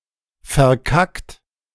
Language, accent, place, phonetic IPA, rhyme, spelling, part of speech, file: German, Germany, Berlin, [fɛɐ̯ˈkakt], -akt, verkackt, adjective / verb, De-verkackt.ogg
- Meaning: 1. past participle of verkacken 2. inflection of verkacken: third-person singular present 3. inflection of verkacken: second-person plural present 4. inflection of verkacken: plural imperative